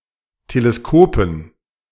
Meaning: dative plural of Teleskop
- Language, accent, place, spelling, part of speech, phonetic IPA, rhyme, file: German, Germany, Berlin, Teleskopen, noun, [teleˈskoːpn̩], -oːpn̩, De-Teleskopen.ogg